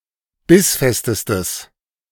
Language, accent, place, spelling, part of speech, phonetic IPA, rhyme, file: German, Germany, Berlin, bissfestestes, adjective, [ˈbɪsˌfɛstəstəs], -ɪsfɛstəstəs, De-bissfestestes.ogg
- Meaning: strong/mixed nominative/accusative neuter singular superlative degree of bissfest